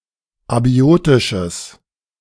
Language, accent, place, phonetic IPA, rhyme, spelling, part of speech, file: German, Germany, Berlin, [aˈbi̯oːtɪʃəs], -oːtɪʃəs, abiotisches, adjective, De-abiotisches.ogg
- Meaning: strong/mixed nominative/accusative neuter singular of abiotisch